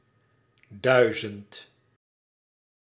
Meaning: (numeral) thousand; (noun) a thousand
- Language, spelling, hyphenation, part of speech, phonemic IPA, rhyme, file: Dutch, duizend, dui‧zend, numeral / noun, /ˈdœy̯.zənt/, -œy̯zənt, Nl-duizend.ogg